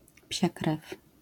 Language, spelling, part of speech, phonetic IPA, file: Polish, psiakrew, interjection, [pʲɕaˈkrɛf], LL-Q809 (pol)-psiakrew.wav